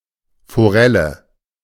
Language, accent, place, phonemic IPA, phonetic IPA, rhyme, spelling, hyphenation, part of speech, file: German, Germany, Berlin, /foˈrɛlə/, [foˈʁɛlə], -ɛlə, Forelle, Fo‧rel‧le, noun, De-Forelle.ogg
- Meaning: trout